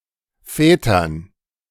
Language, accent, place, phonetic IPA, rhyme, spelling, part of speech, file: German, Germany, Berlin, [ˈfɛːtɐn], -ɛːtɐn, Vätern, noun, De-Vätern.ogg
- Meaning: dative plural of Vater